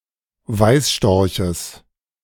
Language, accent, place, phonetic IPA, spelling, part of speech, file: German, Germany, Berlin, [ˈvaɪ̯sˌʃtɔʁçəs], Weißstorches, noun, De-Weißstorches.ogg
- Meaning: genitive singular of Weißstorch